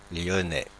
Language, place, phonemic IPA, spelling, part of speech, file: French, Paris, /ljɔ.nɛ/, Lyonnais, noun, Fr-Lyonnais.oga
- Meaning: resident or native of Lyon